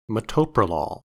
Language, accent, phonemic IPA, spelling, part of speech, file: English, US, /məˈtoʊ.pɹəˌlɔl/, metoprolol, noun, En-us-metoprolol.ogg
- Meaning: A beta-blocking drug related to propranolol, used to treat hypertension and angina